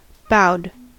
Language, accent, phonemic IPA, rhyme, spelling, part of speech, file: English, US, /baʊd/, -aʊd, bowed, verb, En-us-bowed.ogg
- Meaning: simple past and past participle of bow